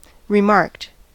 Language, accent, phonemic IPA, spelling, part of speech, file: English, US, /ɹɪˈmɑɹkt/, remarked, verb / adjective, En-us-remarked.ogg
- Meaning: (verb) simple past and past participle of remark; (adjective) 1. conspicuous; marked 2. bearing a remark, as an etching